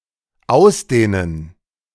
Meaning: to extend, to expand
- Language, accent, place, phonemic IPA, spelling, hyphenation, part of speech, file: German, Germany, Berlin, /ˈʔaʊ̯sˌdeːnən/, ausdehnen, aus‧deh‧nen, verb, De-ausdehnen.ogg